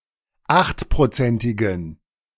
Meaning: inflection of achtprozentig: 1. strong genitive masculine/neuter singular 2. weak/mixed genitive/dative all-gender singular 3. strong/weak/mixed accusative masculine singular 4. strong dative plural
- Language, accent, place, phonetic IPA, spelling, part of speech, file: German, Germany, Berlin, [ˈaxtpʁoˌt͡sɛntɪɡn̩], achtprozentigen, adjective, De-achtprozentigen.ogg